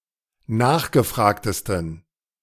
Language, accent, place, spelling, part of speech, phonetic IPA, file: German, Germany, Berlin, nachgefragtesten, adjective, [ˈnaːxɡəˌfʁaːktəstn̩], De-nachgefragtesten.ogg
- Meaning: 1. superlative degree of nachgefragt 2. inflection of nachgefragt: strong genitive masculine/neuter singular superlative degree